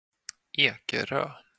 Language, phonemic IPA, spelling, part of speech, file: Swedish, /ˈeːkɛrøː/, Ekerö, proper noun, Sv-Ekerö.flac
- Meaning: a town and municipality of Stockholm County, in central Sweden